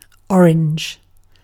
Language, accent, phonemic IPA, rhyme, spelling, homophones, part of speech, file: English, UK, /ˈɒ.ɹɪnd͡ʒ/, -ɒɹɪndʒ, Orange, orange, proper noun / noun / adjective, En-uk-orange.ogg
- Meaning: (proper noun) 1. A city in Vaucluse department, Provence-Alpes-Côte d'Azur, France 2. A county of Burgundy around the French city